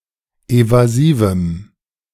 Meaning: strong dative masculine/neuter singular of evasiv
- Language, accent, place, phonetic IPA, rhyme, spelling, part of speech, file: German, Germany, Berlin, [ˌevaˈziːvm̩], -iːvm̩, evasivem, adjective, De-evasivem.ogg